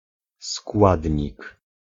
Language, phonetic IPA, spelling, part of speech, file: Polish, [ˈskwadʲɲik], składnik, noun, Pl-składnik.ogg